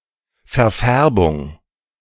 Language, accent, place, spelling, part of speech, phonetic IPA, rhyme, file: German, Germany, Berlin, Verfärbung, noun, [fɛɐ̯ˈfɛʁbʊŋ], -ɛʁbʊŋ, De-Verfärbung.ogg
- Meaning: discolouration, stain